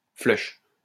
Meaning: 1. flush 2. flush (reddening of the face) 3. emptying of the cache
- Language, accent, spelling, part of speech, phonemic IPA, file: French, France, flush, noun, /flœʃ/, LL-Q150 (fra)-flush.wav